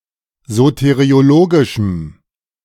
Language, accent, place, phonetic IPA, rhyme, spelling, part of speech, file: German, Germany, Berlin, [ˌzoteʁioˈloːɡɪʃm̩], -oːɡɪʃm̩, soteriologischem, adjective, De-soteriologischem.ogg
- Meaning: strong dative masculine/neuter singular of soteriologisch